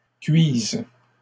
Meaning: first/third-person singular present subjunctive of cuire
- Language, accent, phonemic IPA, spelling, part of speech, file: French, Canada, /kɥiz/, cuise, verb, LL-Q150 (fra)-cuise.wav